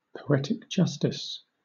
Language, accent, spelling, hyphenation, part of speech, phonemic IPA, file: English, Southern England, poetic justice, po‧et‧ic jus‧tice, noun, /pəʊˌɛtɪk ˈd͡ʒʌstɪs/, LL-Q1860 (eng)-poetic justice.wav
- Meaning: Synonym of poetical justice (“the idea that in a literary work such as a poem, virtue should be rewarded and vice punished”)